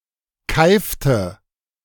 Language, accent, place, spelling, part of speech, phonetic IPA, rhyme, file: German, Germany, Berlin, keifte, verb, [ˈkaɪ̯ftə], -aɪ̯ftə, De-keifte.ogg
- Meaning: inflection of keifen: 1. first/third-person singular preterite 2. first/third-person singular subjunctive II